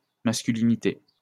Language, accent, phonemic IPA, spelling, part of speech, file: French, France, /mas.ky.li.ni.te/, masculinité, noun, LL-Q150 (fra)-masculinité.wav
- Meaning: masculinity